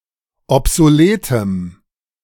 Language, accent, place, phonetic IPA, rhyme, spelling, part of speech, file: German, Germany, Berlin, [ɔpzoˈleːtəm], -eːtəm, obsoletem, adjective, De-obsoletem.ogg
- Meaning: strong dative masculine/neuter singular of obsolet